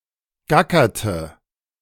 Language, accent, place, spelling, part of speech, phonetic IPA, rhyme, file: German, Germany, Berlin, gackerte, verb, [ˈɡakɐtə], -akɐtə, De-gackerte.ogg
- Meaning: inflection of gackern: 1. first/third-person singular preterite 2. first/third-person singular subjunctive II